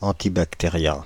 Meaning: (adjective) antibacterial
- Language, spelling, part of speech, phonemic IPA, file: French, antibactérien, adjective / noun, /ɑ̃.ti.bak.te.ʁjɛ̃/, Fr-antibactérien.ogg